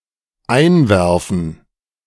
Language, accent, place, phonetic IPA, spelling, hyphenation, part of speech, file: German, Germany, Berlin, [ˈʔaɪ̯nˌvɛʁfn̩], einwerfen, ein‧wer‧fen, verb, De-einwerfen.ogg
- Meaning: 1. to drop, to insert 2. to smash by throwing 3. to interject (in a discussion) 4. to pop (a pill, drugs etc.) 5. to eat (indifferently, often fast food)